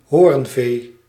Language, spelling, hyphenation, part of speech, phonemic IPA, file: Dutch, hoornvee, hoorn‧vee, noun, /ˈɦoːrn.veː/, Nl-hoornvee.ogg
- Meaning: horned livestock, especially cattle